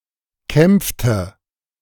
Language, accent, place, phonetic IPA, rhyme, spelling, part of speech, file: German, Germany, Berlin, [ˈkɛmp͡ftə], -ɛmp͡ftə, kämpfte, verb, De-kämpfte.ogg
- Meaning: inflection of kämpfen: 1. first/third-person singular preterite 2. first/third-person singular subjunctive II